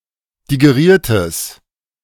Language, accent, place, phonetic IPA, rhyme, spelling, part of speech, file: German, Germany, Berlin, [diɡeˈʁiːɐ̯təs], -iːɐ̯təs, digeriertes, adjective, De-digeriertes.ogg
- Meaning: strong/mixed nominative/accusative neuter singular of digeriert